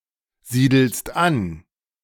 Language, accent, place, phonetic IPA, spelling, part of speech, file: German, Germany, Berlin, [ˌziːdl̩st ˈan], siedelst an, verb, De-siedelst an.ogg
- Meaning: second-person singular present of ansiedeln